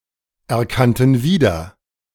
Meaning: first/third-person plural preterite of wiedererkennen
- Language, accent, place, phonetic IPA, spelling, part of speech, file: German, Germany, Berlin, [ɛɐ̯ˌkantn̩ ˈviːdɐ], erkannten wieder, verb, De-erkannten wieder.ogg